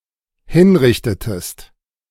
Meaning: inflection of hinrichten: 1. second-person singular dependent preterite 2. second-person singular dependent subjunctive II
- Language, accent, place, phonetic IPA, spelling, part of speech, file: German, Germany, Berlin, [ˈhɪnˌʁɪçtətəst], hinrichtetest, verb, De-hinrichtetest.ogg